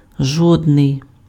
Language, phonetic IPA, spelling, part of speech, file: Ukrainian, [ˈʒɔdnei̯], жодний, pronoun, Uk-жодний.ogg
- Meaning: not one, not any